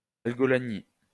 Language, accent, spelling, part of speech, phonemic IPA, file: French, France, algolagnie, noun, /al.ɡɔ.la.ɲi/, LL-Q150 (fra)-algolagnie.wav
- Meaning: algolagnia